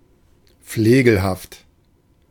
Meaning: 1. scurrilous 2. uncouth
- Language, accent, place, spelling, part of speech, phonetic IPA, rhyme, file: German, Germany, Berlin, flegelhaft, adjective, [ˈfleːɡl̩haft], -eːɡl̩haft, De-flegelhaft.ogg